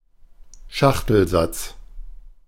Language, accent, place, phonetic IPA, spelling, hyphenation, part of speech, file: German, Germany, Berlin, [ˈʃaxtl̩ˌzat͡s], Schachtelsatz, Schach‧tel‧satz, noun, De-Schachtelsatz.ogg
- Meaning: complex multi-clause sentence